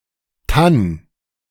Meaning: A forest of fir trees
- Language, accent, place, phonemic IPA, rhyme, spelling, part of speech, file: German, Germany, Berlin, /tan/, -an, Tann, noun, De-Tann.ogg